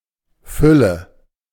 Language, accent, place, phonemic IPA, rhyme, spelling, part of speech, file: German, Germany, Berlin, /ˈfʏlə/, -ʏlə, Fülle, noun, De-Fülle.ogg
- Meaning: 1. fullness, fill 2. plentifulness, abundance 3. filling, stuffing